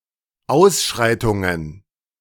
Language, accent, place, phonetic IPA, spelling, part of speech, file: German, Germany, Berlin, [ˈaʊ̯sˌʃʁaɪ̯tʊŋən], Ausschreitungen, noun, De-Ausschreitungen.ogg
- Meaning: plural of Ausschreitung